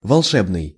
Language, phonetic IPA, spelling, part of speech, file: Russian, [vɐɫˈʂɛbnɨj], волшебный, adjective, Ru-волшебный.ogg
- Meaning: 1. magic, magical, miraculous 2. fantastic, fantastical, fanciful 3. enchanting, charming, captivating